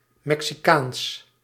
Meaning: Mexican
- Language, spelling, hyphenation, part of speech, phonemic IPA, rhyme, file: Dutch, Mexicaans, Mexi‧caans, adjective, /mɛk.siˈkaːns/, -aːns, Nl-Mexicaans.ogg